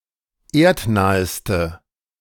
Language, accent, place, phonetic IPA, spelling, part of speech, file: German, Germany, Berlin, [ˈeːɐ̯tˌnaːəstə], erdnaheste, adjective, De-erdnaheste.ogg
- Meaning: inflection of erdnah: 1. strong/mixed nominative/accusative feminine singular superlative degree 2. strong nominative/accusative plural superlative degree